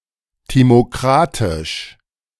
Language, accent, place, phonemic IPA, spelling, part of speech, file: German, Germany, Berlin, /ˌtimoˈkʁatɪʃ/, timokratisch, adjective, De-timokratisch.ogg
- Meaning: timocratic